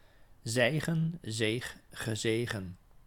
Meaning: 1. to slump, to fall down, to drop 2. to filter
- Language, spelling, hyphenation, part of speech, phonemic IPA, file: Dutch, zijgen, zij‧gen, verb, /ˈzɛi̯.ɣə(n)/, Nl-zijgen.ogg